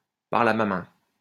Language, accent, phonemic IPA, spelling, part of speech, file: French, France, /paʁ.l‿a ma mɛ̃/, parle à ma main, phrase, LL-Q150 (fra)-parle à ma main.wav
- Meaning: talk to the hand